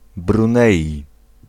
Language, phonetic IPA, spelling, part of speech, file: Polish, [brũˈnɛji], Brunei, proper noun, Pl-Brunei.ogg